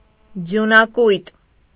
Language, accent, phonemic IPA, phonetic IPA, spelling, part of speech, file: Armenian, Eastern Armenian, /d͡zjunɑˈkujt/, [d͡zjunɑkújt], ձյունակույտ, noun, Hy-ձյունակույտ.ogg
- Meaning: snowdrift, bank of snow